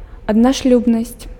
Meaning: monogamy
- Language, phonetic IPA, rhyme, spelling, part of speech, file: Belarusian, [adnaʂˈlʲubnasʲt͡sʲ], -ubnasʲt͡sʲ, аднашлюбнасць, noun, Be-аднашлюбнасць.ogg